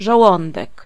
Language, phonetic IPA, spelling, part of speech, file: Polish, [ʒɔˈwɔ̃ndɛk], żołądek, noun, Pl-żołądek.ogg